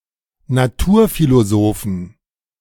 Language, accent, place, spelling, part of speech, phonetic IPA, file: German, Germany, Berlin, Naturphilosophen, noun, [naˈtuːɐ̯filoˌzoːfn̩], De-Naturphilosophen.ogg
- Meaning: plural of Naturphilosoph